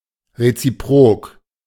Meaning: reciprocal
- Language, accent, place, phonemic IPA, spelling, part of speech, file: German, Germany, Berlin, /ʁet͡siˈpʁoːk/, reziprok, adjective, De-reziprok.ogg